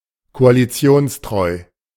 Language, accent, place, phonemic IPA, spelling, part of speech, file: German, Germany, Berlin, /koaliˈt͡si̯oːnsˌtʁɔɪ̯/, koalitionstreu, adjective, De-koalitionstreu.ogg
- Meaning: faithful to the conditions of a coalition